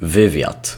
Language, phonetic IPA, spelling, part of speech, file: Polish, [ˈvɨvʲjat], wywiad, noun, Pl-wywiad.ogg